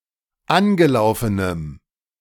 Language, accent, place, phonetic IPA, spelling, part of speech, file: German, Germany, Berlin, [ˈanɡəˌlaʊ̯fənəm], angelaufenem, adjective, De-angelaufenem.ogg
- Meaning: strong dative masculine/neuter singular of angelaufen